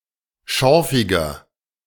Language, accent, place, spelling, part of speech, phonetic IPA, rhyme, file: German, Germany, Berlin, schorfiger, adjective, [ˈʃɔʁfɪɡɐ], -ɔʁfɪɡɐ, De-schorfiger.ogg
- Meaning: 1. comparative degree of schorfig 2. inflection of schorfig: strong/mixed nominative masculine singular 3. inflection of schorfig: strong genitive/dative feminine singular